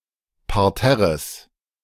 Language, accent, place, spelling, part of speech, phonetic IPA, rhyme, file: German, Germany, Berlin, Parterres, noun, [paʁˈtɛʁəs], -ɛʁəs, De-Parterres.ogg
- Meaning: genitive singular of Parterre